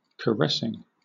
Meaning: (verb) present participle and gerund of caress; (noun) A caress
- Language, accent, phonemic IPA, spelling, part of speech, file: English, Southern England, /kəˈɹɛsɪŋ/, caressing, verb / noun, LL-Q1860 (eng)-caressing.wav